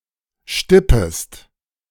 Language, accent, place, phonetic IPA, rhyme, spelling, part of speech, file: German, Germany, Berlin, [ˈʃtɪpəst], -ɪpəst, stippest, verb, De-stippest.ogg
- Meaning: second-person singular subjunctive I of stippen